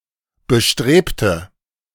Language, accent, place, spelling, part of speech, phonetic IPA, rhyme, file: German, Germany, Berlin, bestrebte, adjective / verb, [bəˈʃtʁeːptə], -eːptə, De-bestrebte.ogg
- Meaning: inflection of bestreben: 1. first/third-person singular preterite 2. first/third-person singular subjunctive II